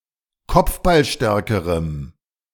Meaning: strong dative masculine/neuter singular comparative degree of kopfballstark
- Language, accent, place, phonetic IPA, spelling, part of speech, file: German, Germany, Berlin, [ˈkɔp͡fbalˌʃtɛʁkəʁəm], kopfballstärkerem, adjective, De-kopfballstärkerem.ogg